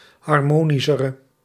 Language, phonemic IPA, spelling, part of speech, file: Dutch, /ɦɑrˈmoːnisərə/, harmonischere, adjective, Nl-harmonischere.ogg
- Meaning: inflection of harmonischer, the comparative degree of harmonisch: 1. masculine/feminine singular attributive 2. definite neuter singular attributive 3. plural attributive